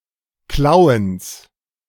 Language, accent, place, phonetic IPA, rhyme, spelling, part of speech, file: German, Germany, Berlin, [ˈklaʊ̯əns], -aʊ̯əns, Klauens, noun, De-Klauens.ogg
- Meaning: genitive of Klauen